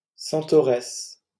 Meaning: female equivalent of centaure: centauress (female centaur)
- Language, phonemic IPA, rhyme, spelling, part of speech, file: French, /sɑ̃.tɔ.ʁɛs/, -ɛs, centauresse, noun, LL-Q150 (fra)-centauresse.wav